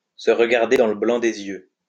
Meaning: to look each other straight in the eye, to stare each other down, to glare at one another
- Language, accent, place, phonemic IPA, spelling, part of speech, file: French, France, Lyon, /sə ʁ(ə).ɡaʁ.de dɑ̃ lə blɑ̃ de.z‿jø/, se regarder dans le blanc des yeux, verb, LL-Q150 (fra)-se regarder dans le blanc des yeux.wav